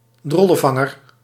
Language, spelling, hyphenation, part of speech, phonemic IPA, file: Dutch, drollenvanger, drol‧len‧van‧ger, noun, /ˈdrɔ.lə(n)ˌvɑ.ŋər/, Nl-drollenvanger.ogg
- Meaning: 1. a type of baggy pants with tight cuffs and often a low crotch, including knickerbockers, harem pants and plus fours 2. a nappy/diaper for horses or dogs